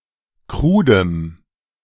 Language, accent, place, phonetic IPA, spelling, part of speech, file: German, Germany, Berlin, [ˈkʁuːdəm], krudem, adjective, De-krudem.ogg
- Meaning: strong dative masculine/neuter singular of krud